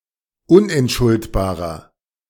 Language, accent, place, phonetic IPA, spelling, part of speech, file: German, Germany, Berlin, [ˈʊnʔɛntˌʃʊltbaːʁɐ], unentschuldbarer, adjective, De-unentschuldbarer.ogg
- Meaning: inflection of unentschuldbar: 1. strong/mixed nominative masculine singular 2. strong genitive/dative feminine singular 3. strong genitive plural